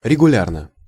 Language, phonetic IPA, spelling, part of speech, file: Russian, [rʲɪɡʊˈlʲarnə], регулярно, adverb / adjective, Ru-регулярно.ogg
- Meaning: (adverb) regularly; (adjective) short neuter singular of регуля́рный (reguljárnyj)